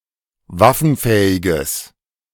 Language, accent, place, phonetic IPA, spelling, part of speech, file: German, Germany, Berlin, [ˈvafn̩ˌfɛːɪɡəs], waffenfähiges, adjective, De-waffenfähiges.ogg
- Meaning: strong/mixed nominative/accusative neuter singular of waffenfähig